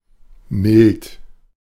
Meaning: mild (in all of its common senses)
- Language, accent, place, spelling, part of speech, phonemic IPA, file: German, Germany, Berlin, mild, adjective, /mɪlt/, De-mild.ogg